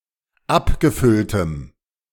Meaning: strong dative masculine/neuter singular of abgefüllt
- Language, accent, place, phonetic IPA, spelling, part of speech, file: German, Germany, Berlin, [ˈapɡəˌfʏltəm], abgefülltem, adjective, De-abgefülltem.ogg